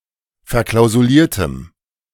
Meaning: strong dative masculine/neuter singular of verklausuliert
- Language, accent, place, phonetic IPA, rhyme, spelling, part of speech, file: German, Germany, Berlin, [fɛɐ̯ˌklaʊ̯zuˈliːɐ̯təm], -iːɐ̯təm, verklausuliertem, adjective, De-verklausuliertem.ogg